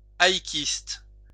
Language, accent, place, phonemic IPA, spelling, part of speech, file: French, France, Lyon, /a.i.kist/, haïkiste, noun, LL-Q150 (fra)-haïkiste.wav
- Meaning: a haikuist, a haiku writer